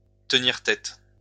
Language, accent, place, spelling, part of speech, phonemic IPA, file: French, France, Lyon, tenir tête, verb, /tə.niʁ tɛt/, LL-Q150 (fra)-tenir tête.wav
- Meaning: to stand up, to express objection